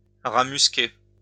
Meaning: muskrat
- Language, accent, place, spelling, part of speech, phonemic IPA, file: French, France, Lyon, rat musqué, noun, /ʁa mys.ke/, LL-Q150 (fra)-rat musqué.wav